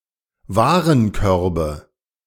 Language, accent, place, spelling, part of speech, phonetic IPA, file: German, Germany, Berlin, Warenkörbe, noun, [ˈvaːʁənˌkœʁbə], De-Warenkörbe.ogg
- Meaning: nominative/accusative/genitive plural of Warenkorb